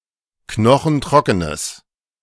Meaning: strong/mixed nominative/accusative neuter singular of knochentrocken
- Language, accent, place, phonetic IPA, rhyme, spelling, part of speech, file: German, Germany, Berlin, [ˈknɔxn̩ˈtʁɔkənəs], -ɔkənəs, knochentrockenes, adjective, De-knochentrockenes.ogg